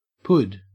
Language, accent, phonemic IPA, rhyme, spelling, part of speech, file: English, Australia, /pʊd/, -ʊd, pud, noun, En-au-pud.ogg
- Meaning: Pudding (either sweet or savoury)